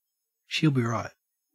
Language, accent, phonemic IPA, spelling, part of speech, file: English, Australia, /ʃɪəl bi ɹʌɪt/, she'll be right, phrase, En-au-she'll be right.ogg
- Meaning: OK, no problem, everything will be all right